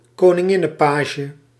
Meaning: swallowtail (Papilio machaon)
- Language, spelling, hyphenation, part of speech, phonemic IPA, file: Dutch, koninginnenpage, ko‧nin‧gin‧nen‧pa‧ge, noun, /koː.nɪˈŋɪ.nə(n)ˌpaː.ʒə/, Nl-koninginnenpage.ogg